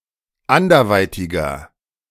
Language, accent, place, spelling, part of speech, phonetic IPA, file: German, Germany, Berlin, anderweitiger, adjective, [ˈandɐˌvaɪ̯tɪɡɐ], De-anderweitiger.ogg
- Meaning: inflection of anderweitig: 1. strong/mixed nominative masculine singular 2. strong genitive/dative feminine singular 3. strong genitive plural